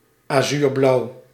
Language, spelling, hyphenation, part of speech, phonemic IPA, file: Dutch, azuurblauw, azuur‧blauw, adjective, /aːˈzyːrˌblɑu̯/, Nl-azuurblauw.ogg
- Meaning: azure (color)